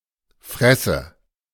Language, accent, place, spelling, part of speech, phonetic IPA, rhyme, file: German, Germany, Berlin, Fresse, noun, [ˈfʁɛsə], -ɛsə, De-Fresse.ogg
- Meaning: 1. mouth, gob 2. face, mug